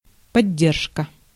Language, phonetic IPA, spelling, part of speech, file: Russian, [pɐˈdʲːerʂkə], поддержка, noun, Ru-поддержка.ogg
- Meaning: support (financial or other help)